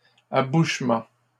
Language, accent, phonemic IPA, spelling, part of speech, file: French, Canada, /a.buʃ.mɑ̃/, abouchement, noun, LL-Q150 (fra)-abouchement.wav
- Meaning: 1. the act of getting into contact or communication 2. point of union of two vessels